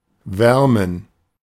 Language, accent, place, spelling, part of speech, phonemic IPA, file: German, Germany, Berlin, wärmen, verb, /ˈvɛʁmən/, De-wärmen.ogg
- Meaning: to warm